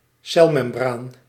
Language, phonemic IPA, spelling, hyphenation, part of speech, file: Dutch, /ˈsɛlmɛmˌbraːn/, celmembraan, cel‧mem‧braan, noun, Nl-celmembraan.ogg
- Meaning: cell membrane